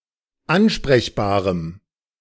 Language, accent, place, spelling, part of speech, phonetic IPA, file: German, Germany, Berlin, ansprechbarem, adjective, [ˈanʃpʁɛçbaːʁəm], De-ansprechbarem.ogg
- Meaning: strong dative masculine/neuter singular of ansprechbar